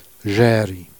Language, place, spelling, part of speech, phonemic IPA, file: Jèrriais, Jersey, Jèrri, proper noun, /ʒɛri/, Jer-Jèrri.ogg
- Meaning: Jersey